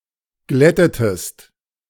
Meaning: inflection of glätten: 1. second-person singular preterite 2. second-person singular subjunctive II
- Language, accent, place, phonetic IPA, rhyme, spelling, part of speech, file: German, Germany, Berlin, [ˈɡlɛtətəst], -ɛtətəst, glättetest, verb, De-glättetest.ogg